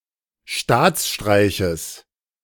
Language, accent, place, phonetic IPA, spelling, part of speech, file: German, Germany, Berlin, [ˈʃtaːt͡sˌʃtʁaɪ̯çəs], Staatsstreiches, noun, De-Staatsstreiches.ogg
- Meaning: genitive singular of Staatsstreich